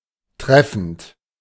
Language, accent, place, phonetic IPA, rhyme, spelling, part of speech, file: German, Germany, Berlin, [ˈtʁɛfn̩t], -ɛfn̩t, treffend, adjective / verb, De-treffend.ogg
- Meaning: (verb) present participle of treffen; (adjective) 1. apt, apposite 2. appropriate, poignant